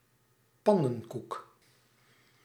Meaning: 1. pancake; pannekoek; flapjack 2. roti flatbread 3. bungler, oaf
- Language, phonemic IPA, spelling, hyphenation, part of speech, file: Dutch, /ˈpɑnə(n)ˌkuk/, pannenkoek, pan‧nen‧koek, noun, Nl-pannenkoek.ogg